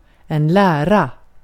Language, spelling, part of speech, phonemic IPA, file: Swedish, lära, noun / verb, /ˈlæːˌra/, Sv-lära.ogg
- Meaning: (noun) teachings: 1. a scientific branch, a theory 2. a creed, a doctrine, a tenet 3. an apprenticeship; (verb) 1. to teach, to instruct 2. to learn, to study, to teach oneself 3. to be said to